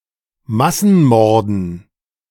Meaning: dative plural of Massenmord
- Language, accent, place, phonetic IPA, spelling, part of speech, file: German, Germany, Berlin, [ˈmasn̩ˌmɔʁdn̩], Massenmorden, noun, De-Massenmorden.ogg